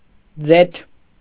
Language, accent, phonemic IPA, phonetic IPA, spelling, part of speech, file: Armenian, Eastern Armenian, /d͡zetʰ/, [d͡zetʰ], ձեթ, noun, Hy-ձեթ.ogg
- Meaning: vegetable oil